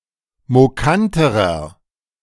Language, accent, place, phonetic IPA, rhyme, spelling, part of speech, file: German, Germany, Berlin, [moˈkantəʁɐ], -antəʁɐ, mokanterer, adjective, De-mokanterer.ogg
- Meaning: inflection of mokant: 1. strong/mixed nominative masculine singular comparative degree 2. strong genitive/dative feminine singular comparative degree 3. strong genitive plural comparative degree